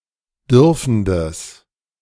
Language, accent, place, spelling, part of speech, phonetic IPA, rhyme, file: German, Germany, Berlin, dürfendes, adjective, [ˈdʏʁfn̩dəs], -ʏʁfn̩dəs, De-dürfendes.ogg
- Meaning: strong/mixed nominative/accusative neuter singular of dürfend